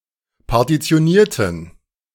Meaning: inflection of partitionieren: 1. first/third-person plural preterite 2. first/third-person plural subjunctive II
- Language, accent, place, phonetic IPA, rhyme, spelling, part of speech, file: German, Germany, Berlin, [paʁtit͡si̯oˈniːɐ̯tn̩], -iːɐ̯tn̩, partitionierten, adjective / verb, De-partitionierten.ogg